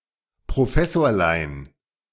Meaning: diminutive of Professor
- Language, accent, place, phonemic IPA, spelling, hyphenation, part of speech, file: German, Germany, Berlin, /pʁoˈfɛsoːɐ̯ˌlaɪ̯n/, Professorlein, Pro‧fes‧sor‧lein, noun, De-Professorlein.ogg